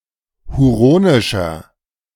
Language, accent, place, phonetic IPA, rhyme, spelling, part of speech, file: German, Germany, Berlin, [huˈʁoːnɪʃɐ], -oːnɪʃɐ, huronischer, adjective, De-huronischer.ogg
- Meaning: inflection of huronisch: 1. strong/mixed nominative masculine singular 2. strong genitive/dative feminine singular 3. strong genitive plural